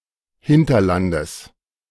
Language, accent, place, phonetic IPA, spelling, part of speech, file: German, Germany, Berlin, [ˈhɪntɐˌlandəs], Hinterlandes, noun, De-Hinterlandes.ogg
- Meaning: genitive singular of Hinterland